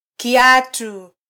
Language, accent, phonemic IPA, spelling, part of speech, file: Swahili, Kenya, /kiˈɑ.tu/, kiatu, noun, Sw-ke-kiatu.flac
- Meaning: sandal, shoe